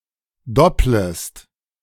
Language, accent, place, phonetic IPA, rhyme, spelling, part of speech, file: German, Germany, Berlin, [ˈdɔpləst], -ɔpləst, dopplest, verb, De-dopplest.ogg
- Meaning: second-person singular subjunctive I of doppeln